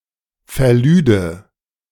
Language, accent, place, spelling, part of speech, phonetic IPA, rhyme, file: German, Germany, Berlin, verlüde, verb, [fɛɐ̯ˈlyːdə], -yːdə, De-verlüde.ogg
- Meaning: first/third-person singular subjunctive II of verladen